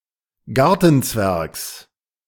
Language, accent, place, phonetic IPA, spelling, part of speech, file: German, Germany, Berlin, [ˈɡaʁtn̩ˌt͡svɛʁks], Gartenzwergs, noun, De-Gartenzwergs.ogg
- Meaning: genitive singular of Gartenzwerg